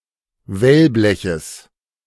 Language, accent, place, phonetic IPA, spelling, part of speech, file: German, Germany, Berlin, [ˈvɛlˌblɛçəs], Wellbleches, noun, De-Wellbleches.ogg
- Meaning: genitive of Wellblech